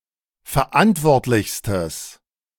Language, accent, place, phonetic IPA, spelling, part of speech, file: German, Germany, Berlin, [fɛɐ̯ˈʔantvɔʁtlɪçstəs], verantwortlichstes, adjective, De-verantwortlichstes.ogg
- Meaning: strong/mixed nominative/accusative neuter singular superlative degree of verantwortlich